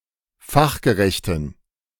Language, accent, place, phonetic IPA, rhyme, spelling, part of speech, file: German, Germany, Berlin, [ˈfaxɡəˌʁɛçtn̩], -axɡəʁɛçtn̩, fachgerechten, adjective, De-fachgerechten.ogg
- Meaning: inflection of fachgerecht: 1. strong genitive masculine/neuter singular 2. weak/mixed genitive/dative all-gender singular 3. strong/weak/mixed accusative masculine singular 4. strong dative plural